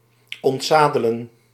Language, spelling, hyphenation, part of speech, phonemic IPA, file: Dutch, ontzadelen, ont‧za‧de‧len, verb, /ˌɔntˈzaː.də.lə(n)/, Nl-ontzadelen.ogg
- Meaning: to unsaddle, to remove the saddle from